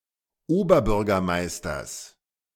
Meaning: genitive singular of Oberbürgermeister
- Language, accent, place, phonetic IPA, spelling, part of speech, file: German, Germany, Berlin, [ˈoːbɐˌbʏʁɡɐmaɪ̯stɐs], Oberbürgermeisters, noun, De-Oberbürgermeisters.ogg